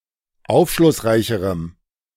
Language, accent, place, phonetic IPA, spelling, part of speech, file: German, Germany, Berlin, [ˈaʊ̯fʃlʊsˌʁaɪ̯çəʁəm], aufschlussreicherem, adjective, De-aufschlussreicherem.ogg
- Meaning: strong dative masculine/neuter singular comparative degree of aufschlussreich